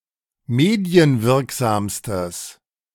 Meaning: strong/mixed nominative/accusative neuter singular superlative degree of medienwirksam
- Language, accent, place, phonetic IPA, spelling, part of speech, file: German, Germany, Berlin, [ˈmeːdi̯ənˌvɪʁkzaːmstəs], medienwirksamstes, adjective, De-medienwirksamstes.ogg